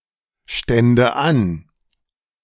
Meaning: first/third-person singular subjunctive II of anstehen
- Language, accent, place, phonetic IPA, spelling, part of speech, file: German, Germany, Berlin, [ˌʃtɛndə ˈan], stände an, verb, De-stände an.ogg